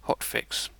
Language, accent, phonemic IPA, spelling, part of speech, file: English, UK, /ˈhɒt.fɪks/, hotfix, noun, En-uk-hotfix.ogg
- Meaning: A cumulative package of one or more files used to address a problem in a software product